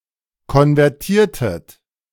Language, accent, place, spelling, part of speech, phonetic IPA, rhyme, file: German, Germany, Berlin, konvertiertet, verb, [kɔnvɛʁˈtiːɐ̯tət], -iːɐ̯tət, De-konvertiertet.ogg
- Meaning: inflection of konvertieren: 1. second-person plural preterite 2. second-person plural subjunctive II